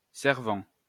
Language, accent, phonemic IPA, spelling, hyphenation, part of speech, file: French, France, /sɛʁ.vɑ̃/, servant, ser‧vant, verb / noun, LL-Q150 (fra)-servant.wav
- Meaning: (verb) present participle of servir; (noun) servant